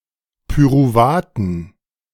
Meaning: dative plural of Pyruvat
- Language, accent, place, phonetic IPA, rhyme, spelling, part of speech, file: German, Germany, Berlin, [pyʁuˈvaːtn̩], -aːtn̩, Pyruvaten, noun, De-Pyruvaten.ogg